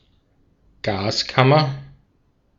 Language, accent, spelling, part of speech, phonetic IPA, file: German, Austria, Gaskammer, noun, [ˈɡaːsˌkamɐ], De-at-Gaskammer.ogg
- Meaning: gas chamber